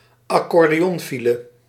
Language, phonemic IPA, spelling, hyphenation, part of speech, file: Dutch, /ɑ.kɔr.deːˈɔnˌfi.lə/, accordeonfile, ac‧cor‧de‧on‧fi‧le, noun, Nl-accordeonfile.ogg
- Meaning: heavy stop-and-start traffic